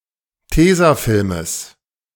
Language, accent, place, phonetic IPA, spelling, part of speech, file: German, Germany, Berlin, [ˈteːzaˌfɪlməs], Tesafilmes, noun, De-Tesafilmes.ogg
- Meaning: genitive singular of Tesafilm